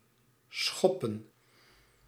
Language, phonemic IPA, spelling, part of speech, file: Dutch, /ˈsxɔ.pə(n)/, schoppen, verb / noun, Nl-schoppen.ogg
- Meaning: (verb) kick (strike with or raise the foot or leg); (noun) 1. spades 2. a playing card of the spades suit 3. plural of schop